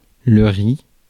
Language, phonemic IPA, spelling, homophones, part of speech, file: French, /ʁi/, riz, ri / rie / rient / ries / ris / rit, noun, Fr-riz.ogg
- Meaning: rice